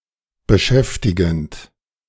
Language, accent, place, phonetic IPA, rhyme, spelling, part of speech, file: German, Germany, Berlin, [bəˈʃɛftɪɡn̩t], -ɛftɪɡn̩t, beschäftigend, verb, De-beschäftigend.ogg
- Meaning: present participle of beschäftigen